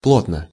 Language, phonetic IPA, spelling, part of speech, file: Russian, [ˈpɫotnə], плотно, adverb / adjective, Ru-плотно.ogg
- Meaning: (adverb) tightly (in a tight manner); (adjective) short neuter singular of пло́тный (plótnyj)